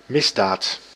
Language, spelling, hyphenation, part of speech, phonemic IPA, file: Dutch, misdaad, mis‧daad, noun, /ˈmɪzdaːt/, Nl-misdaad.ogg
- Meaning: felony